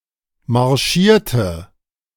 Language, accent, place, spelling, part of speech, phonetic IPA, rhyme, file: German, Germany, Berlin, marschierte, adjective / verb, [maʁˈʃiːɐ̯tə], -iːɐ̯tə, De-marschierte.ogg
- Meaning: inflection of marschieren: 1. first/third-person singular preterite 2. first/third-person singular subjunctive II